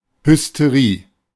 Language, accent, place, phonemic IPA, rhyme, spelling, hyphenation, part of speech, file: German, Germany, Berlin, /hʏsteˈʁiː/, -iː, Hysterie, Hys‧te‧rie, noun, De-Hysterie.ogg
- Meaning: hysteria